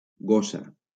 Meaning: 1. feminine singular of gos: female dog, bitch 2. lazy woman
- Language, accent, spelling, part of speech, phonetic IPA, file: Catalan, Valencia, gossa, noun, [ˈɡo.sa], LL-Q7026 (cat)-gossa.wav